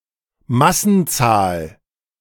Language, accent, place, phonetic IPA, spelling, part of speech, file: German, Germany, Berlin, [ˈmasn̩ˌt͡saːl], Massenzahl, noun, De-Massenzahl.ogg
- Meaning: mass number